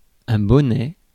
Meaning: 1. beanie 2. hat, cap 3. bonnet (for baby) 4. a knitted hat, usually woollen 5. cup (of bra)
- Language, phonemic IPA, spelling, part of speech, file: French, /bɔ.nɛ/, bonnet, noun, Fr-bonnet.ogg